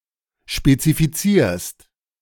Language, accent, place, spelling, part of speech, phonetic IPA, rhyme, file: German, Germany, Berlin, spezifizierst, verb, [ʃpet͡sifiˈt͡siːɐ̯st], -iːɐ̯st, De-spezifizierst.ogg
- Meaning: second-person singular present of spezifizieren